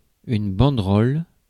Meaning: 1. banner (in political demonstration) 2. banderole (in the sense of "streamer, little banner, little flag") 3. streamer (as a decoration) 4. banderole (flat band with an inscription)
- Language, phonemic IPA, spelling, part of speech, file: French, /bɑ̃.dʁɔl/, banderole, noun, Fr-banderole.ogg